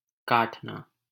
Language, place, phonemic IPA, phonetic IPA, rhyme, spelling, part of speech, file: Hindi, Delhi, /kɑːʈ.nɑː/, [käːʈ.näː], -ɑːʈnɑː, काटना, verb, LL-Q1568 (hin)-काटना.wav
- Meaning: 1. to cut, slice 2. to deduct 3. to write out (a check) 4. to deal out cards 5. to chafe 6. to remove, strike off 7. to reduce, lessen 8. to interrupt; to cross (one's path); to cut off